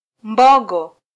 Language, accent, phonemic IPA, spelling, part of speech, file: Swahili, Kenya, /ˈᵐbɔ.ɠɔ/, mbogo, noun, Sw-ke-mbogo.flac
- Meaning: buffalo